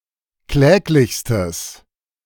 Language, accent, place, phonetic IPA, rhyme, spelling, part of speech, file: German, Germany, Berlin, [ˈklɛːklɪçstəs], -ɛːklɪçstəs, kläglichstes, adjective, De-kläglichstes.ogg
- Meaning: strong/mixed nominative/accusative neuter singular superlative degree of kläglich